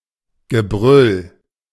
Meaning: the act of roaring, shouting, the sound of roars, shouts
- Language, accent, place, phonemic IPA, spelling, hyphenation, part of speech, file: German, Germany, Berlin, /ɡəˈbʁʏl/, Gebrüll, Ge‧brüll, noun, De-Gebrüll.ogg